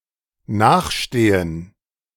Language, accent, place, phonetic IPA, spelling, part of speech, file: German, Germany, Berlin, [ˈnaːxˌʃteːən], nachstehen, verb, De-nachstehen.ogg
- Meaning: to be inferior